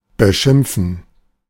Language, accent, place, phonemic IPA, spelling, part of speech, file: German, Germany, Berlin, /bəˈʃɪmpfən/, beschimpfen, verb, De-beschimpfen.ogg
- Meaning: to insult, swear at, call names, abuse (verbally)